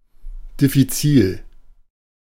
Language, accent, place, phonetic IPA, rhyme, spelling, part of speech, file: German, Germany, Berlin, [dɪfiˈt͡siːl], -iːl, diffizil, adjective, De-diffizil.ogg
- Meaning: difficult, complex